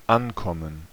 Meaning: 1. to arrive 2. to depend 3. to be important, to matter 4. to be a match for, to stand a chance against 5. to be received, to do
- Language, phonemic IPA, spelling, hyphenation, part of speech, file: German, /ˈʔanˌkɔmən/, ankommen, an‧kom‧men, verb, De-ankommen.ogg